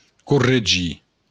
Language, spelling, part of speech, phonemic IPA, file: Occitan, corregir, verb, /kurreˈ(d)ʒi/, LL-Q942602-corregir.wav
- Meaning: to correct